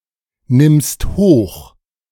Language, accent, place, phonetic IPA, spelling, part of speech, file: German, Germany, Berlin, [ˌnɪmst ˈhoːx], nimmst hoch, verb, De-nimmst hoch.ogg
- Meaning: second-person singular present of hochnehmen